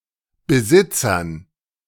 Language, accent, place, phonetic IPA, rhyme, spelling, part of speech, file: German, Germany, Berlin, [bəˈzɪt͡sɐn], -ɪt͡sɐn, Besitzern, noun, De-Besitzern.ogg
- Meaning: dative plural of Besitzer